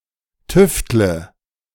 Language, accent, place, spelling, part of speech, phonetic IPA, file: German, Germany, Berlin, tüftle, verb, [ˈtʏftlə], De-tüftle.ogg
- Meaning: inflection of tüfteln: 1. first-person singular present 2. singular imperative 3. first/third-person singular subjunctive I